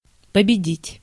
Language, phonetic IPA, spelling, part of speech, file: Russian, [pəbʲɪˈdʲitʲ], победить, verb, Ru-победить.ogg
- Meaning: 1. to win, to be victorious over, to conquer, to vanquish, to defeat 2. to overcome 3. to beat